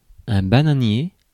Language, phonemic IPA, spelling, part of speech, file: French, /ba.na.nje/, bananier, adjective / noun, Fr-bananier.ogg
- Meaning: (adjective) banana; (noun) 1. any species of bananas relating to the genus Musa 2. boat or ship used to transport bananas